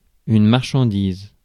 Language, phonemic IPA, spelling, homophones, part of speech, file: French, /maʁ.ʃɑ̃.diz/, marchandise, marchandisent / marchandises, noun / verb, Fr-marchandise.ogg
- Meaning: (noun) merchandise; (verb) inflection of marchandiser: 1. first/third-person singular present indicative/subjunctive 2. second-person singular imperative